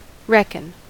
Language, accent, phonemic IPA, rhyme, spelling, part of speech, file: English, US, /ˈɹɛkən/, -ɛkən, reckon, verb / noun, En-us-reckon.ogg
- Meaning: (verb) To count; to enumerate; to number; also, to compute; to calculate